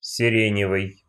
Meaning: lilac (color)
- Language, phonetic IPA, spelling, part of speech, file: Russian, [sʲɪˈrʲenʲɪvɨj], сиреневый, adjective, Ru-сиреневый.ogg